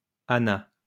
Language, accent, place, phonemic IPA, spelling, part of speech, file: French, France, Lyon, /a.na/, Anna, proper noun, LL-Q150 (fra)-Anna.wav
- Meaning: a female given name, equivalent to English Ann